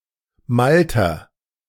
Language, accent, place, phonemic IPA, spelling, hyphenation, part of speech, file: German, Germany, Berlin, /ˈmaltɐ/, Malter, Mal‧ter, noun / proper noun, De-Malter.ogg
- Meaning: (noun) A former unit of volume whose precise size varied according to location and material measured; generally in the range of 100 to 200 liters